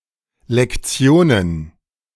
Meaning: plural of Lektion
- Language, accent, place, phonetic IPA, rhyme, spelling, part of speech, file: German, Germany, Berlin, [lɛkˈt͡si̯oːnən], -oːnən, Lektionen, noun, De-Lektionen.ogg